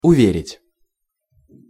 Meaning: 1. to assure 2. to make believe 3. to convince, to persuade
- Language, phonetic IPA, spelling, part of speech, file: Russian, [ʊˈvʲerʲɪtʲ], уверить, verb, Ru-уверить.ogg